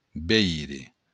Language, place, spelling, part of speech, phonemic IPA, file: Occitan, Béarn, veire, verb, /ˈβej.ʁe/, LL-Q14185 (oci)-veire.wav
- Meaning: to see